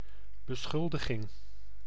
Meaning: 1. accusation 2. accusation, charge
- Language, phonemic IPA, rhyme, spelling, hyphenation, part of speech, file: Dutch, /bəˈsxʏl.də.ɣɪŋ/, -ʏldəɣɪŋ, beschuldiging, be‧schul‧di‧ging, noun, Nl-beschuldiging.ogg